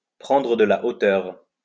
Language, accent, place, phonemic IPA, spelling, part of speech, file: French, France, Lyon, /pʁɑ̃.dʁə d(ə) la o.tœʁ/, prendre de la hauteur, verb, LL-Q150 (fra)-prendre de la hauteur.wav
- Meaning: 1. to gain height, to go up 2. to get an overview, to get some distance, to take a step back, to put things into perspective